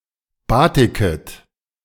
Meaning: second-person plural subjunctive I of batiken
- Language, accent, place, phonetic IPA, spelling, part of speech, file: German, Germany, Berlin, [ˈbaːtɪkət], batiket, verb, De-batiket.ogg